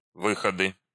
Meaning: nominative/accusative plural of вы́ход (výxod)
- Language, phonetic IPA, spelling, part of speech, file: Russian, [ˈvɨxədɨ], выходы, noun, Ru-выходы.ogg